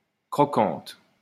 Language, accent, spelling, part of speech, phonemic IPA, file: French, France, croquante, adjective, /kʁɔ.kɑ̃t/, LL-Q150 (fra)-croquante.wav
- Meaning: feminine singular of croquant